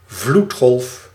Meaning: 1. a tidal wave, large and sudden rise and fall in the tide causing a massive flood of water 2. any flood, a crushing mass, an endless sequence
- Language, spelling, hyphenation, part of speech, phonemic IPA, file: Dutch, vloedgolf, vloed‧golf, noun, /ˈvlut.xɔlf/, Nl-vloedgolf.ogg